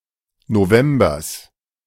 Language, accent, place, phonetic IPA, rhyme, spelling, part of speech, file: German, Germany, Berlin, [noˈvɛmbɐs], -ɛmbɐs, Novembers, noun, De-Novembers.ogg
- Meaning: genitive singular of November